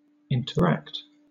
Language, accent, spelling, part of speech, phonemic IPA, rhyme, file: English, Southern England, interact, verb / noun, /ɪn.təˈɹækt/, -ækt, LL-Q1860 (eng)-interact.wav
- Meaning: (verb) To act upon each other.: 1. To engage in communication and other shared activities (with someone) 2. To affect each other